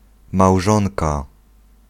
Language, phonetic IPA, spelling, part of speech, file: Polish, [mawˈʒɔ̃nka], małżonka, noun, Pl-małżonka.ogg